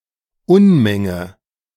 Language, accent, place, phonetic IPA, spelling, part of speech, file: German, Germany, Berlin, [ˈʊnmɛŋə], Unmenge, noun, De-Unmenge.ogg
- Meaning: huge amount